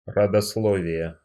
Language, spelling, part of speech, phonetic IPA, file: Russian, родословие, noun, [rədɐsˈɫovʲɪje], Ru-родословие.ogg
- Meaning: 1. genealogy 2. pedigree, lineage